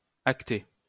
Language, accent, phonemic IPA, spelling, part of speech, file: French, France, /ak.te/, acter, verb, LL-Q150 (fra)-acter.wav
- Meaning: 1. to enact 2. to note, to take into account